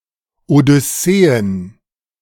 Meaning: plural of Odyssee
- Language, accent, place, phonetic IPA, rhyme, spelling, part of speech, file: German, Germany, Berlin, [odʏˈseːən], -eːən, Odysseen, noun, De-Odysseen.ogg